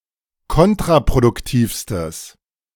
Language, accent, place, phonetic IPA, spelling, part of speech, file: German, Germany, Berlin, [ˈkɔntʁapʁodʊkˌtiːfstəs], kontraproduktivstes, adjective, De-kontraproduktivstes.ogg
- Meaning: strong/mixed nominative/accusative neuter singular superlative degree of kontraproduktiv